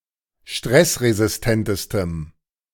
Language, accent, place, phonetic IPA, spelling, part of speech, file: German, Germany, Berlin, [ˈʃtʁɛsʁezɪsˌtɛntəstəm], stressresistentestem, adjective, De-stressresistentestem.ogg
- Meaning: strong dative masculine/neuter singular superlative degree of stressresistent